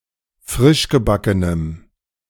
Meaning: strong dative masculine/neuter singular of frischgebacken
- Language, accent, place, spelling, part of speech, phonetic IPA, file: German, Germany, Berlin, frischgebackenem, adjective, [ˈfʁɪʃɡəˌbakənəm], De-frischgebackenem.ogg